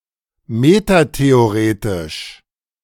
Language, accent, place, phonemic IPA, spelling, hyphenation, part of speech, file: German, Germany, Berlin, /ˌmetateoˈʁeːtɪʃ/, metatheoretisch, me‧ta‧the‧o‧re‧tisch, adjective, De-metatheoretisch.ogg
- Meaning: metatheoretical